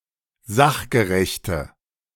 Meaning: inflection of sachgerecht: 1. strong/mixed nominative/accusative feminine singular 2. strong nominative/accusative plural 3. weak nominative all-gender singular
- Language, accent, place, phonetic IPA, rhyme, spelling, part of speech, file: German, Germany, Berlin, [ˈzaxɡəʁɛçtə], -axɡəʁɛçtə, sachgerechte, adjective, De-sachgerechte.ogg